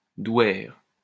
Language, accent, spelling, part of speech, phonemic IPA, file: French, France, douaire, noun, /dwɛʁ/, LL-Q150 (fra)-douaire.wav
- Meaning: dower